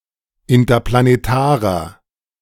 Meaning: inflection of interplanetar: 1. strong/mixed nominative masculine singular 2. strong genitive/dative feminine singular 3. strong genitive plural
- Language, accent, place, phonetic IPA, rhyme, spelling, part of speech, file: German, Germany, Berlin, [ɪntɐplaneˈtaːʁɐ], -aːʁɐ, interplanetarer, adjective, De-interplanetarer.ogg